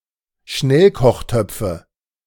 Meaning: nominative/accusative/genitive plural of Schnellkochtopf
- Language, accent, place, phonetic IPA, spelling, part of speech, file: German, Germany, Berlin, [ˈʃnɛlkɔxˌtœp͡fə], Schnellkochtöpfe, noun, De-Schnellkochtöpfe.ogg